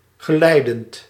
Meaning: present participle of geleiden
- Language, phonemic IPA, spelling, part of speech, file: Dutch, /ɣəˈlɛidənt/, geleidend, adjective / verb, Nl-geleidend.ogg